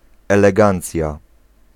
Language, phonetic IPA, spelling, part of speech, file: Polish, [ˌɛlɛˈɡãnt͡sʲja], elegancja, noun, Pl-elegancja.ogg